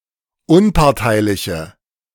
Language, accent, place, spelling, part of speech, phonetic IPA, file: German, Germany, Berlin, unparteiliche, adjective, [ˈʊnpaʁtaɪ̯lɪçə], De-unparteiliche.ogg
- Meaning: inflection of unparteilich: 1. strong/mixed nominative/accusative feminine singular 2. strong nominative/accusative plural 3. weak nominative all-gender singular